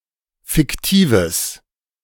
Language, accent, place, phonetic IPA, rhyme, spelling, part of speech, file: German, Germany, Berlin, [fɪkˈtiːvəs], -iːvəs, fiktives, adjective, De-fiktives.ogg
- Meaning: strong/mixed nominative/accusative neuter singular of fiktiv